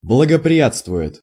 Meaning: third-person singular present indicative imperfective of благоприя́тствовать (blagoprijátstvovatʹ)
- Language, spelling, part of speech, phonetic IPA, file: Russian, благоприятствует, verb, [bɫəɡəprʲɪˈjat͡stvʊ(j)ɪt], Ru-благоприятствует.ogg